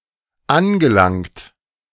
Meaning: past participle of anlangen
- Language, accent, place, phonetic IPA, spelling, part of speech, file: German, Germany, Berlin, [ˈanɡəˌlaŋt], angelangt, verb, De-angelangt.ogg